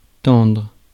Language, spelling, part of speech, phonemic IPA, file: French, tendre, adjective / verb, /tɑ̃dʁ/, Fr-tendre.ogg
- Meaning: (adjective) tender (soft, delicate); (verb) 1. to tighten 2. to stretch out 3. to tend 4. to strive 5. to become taut